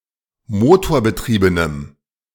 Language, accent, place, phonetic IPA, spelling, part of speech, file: German, Germany, Berlin, [ˈmoːtoːɐ̯bəˌtʁiːbənəm], motorbetriebenem, adjective, De-motorbetriebenem.ogg
- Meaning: strong dative masculine/neuter singular of motorbetrieben